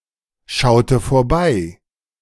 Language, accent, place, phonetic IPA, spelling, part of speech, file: German, Germany, Berlin, [ˌʃaʊ̯tə foːɐ̯ˈbaɪ̯], schaute vorbei, verb, De-schaute vorbei.ogg
- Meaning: inflection of vorbeischauen: 1. first/third-person singular preterite 2. first/third-person singular subjunctive II